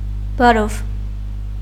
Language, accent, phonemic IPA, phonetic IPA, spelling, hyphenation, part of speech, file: Armenian, Eastern Armenian, /bɑˈɾov/, [bɑɾóv], բարով, բա‧րով, adverb / interjection, Hy-բարով.ogg
- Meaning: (adverb) 1. with pleasure, with love, willingly 2. safely; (interjection) 1. hello!, hi! (addressed to a single familiar person) 2. farewell!